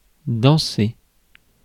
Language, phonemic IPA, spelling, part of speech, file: French, /dɑ̃.se/, danser, verb, Fr-danser.ogg
- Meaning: to dance